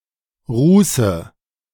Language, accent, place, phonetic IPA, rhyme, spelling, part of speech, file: German, Germany, Berlin, [ˈʁuːsə], -uːsə, ruße, verb, De-ruße.ogg
- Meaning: inflection of rußen: 1. first-person singular present 2. first/third-person singular subjunctive I 3. singular imperative